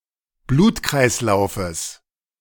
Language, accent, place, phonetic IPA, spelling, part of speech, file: German, Germany, Berlin, [ˈbluːtkʁaɪ̯sˌlaʊ̯fəs], Blutkreislaufes, noun, De-Blutkreislaufes.ogg
- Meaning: genitive singular of Blutkreislauf